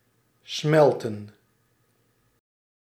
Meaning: 1. to melt 2. to smelt
- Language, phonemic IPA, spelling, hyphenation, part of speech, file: Dutch, /ˈsmɛl.tə(n)/, smelten, smel‧ten, verb, Nl-smelten.ogg